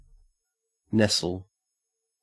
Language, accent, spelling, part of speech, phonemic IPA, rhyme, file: English, Australia, nestle, verb, /ˈnɛsəl/, -ɛsəl, En-au-nestle.ogg
- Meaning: 1. To settle oneself comfortably and snugly 2. To press oneself against another affectionately 3. To lie half-hidden or in shelter 4. To build or sit upon a nest 5. Of a bird: to look after its young